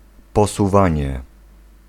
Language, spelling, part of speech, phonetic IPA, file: Polish, posuwanie, noun, [ˌpɔsuˈvãɲɛ], Pl-posuwanie.ogg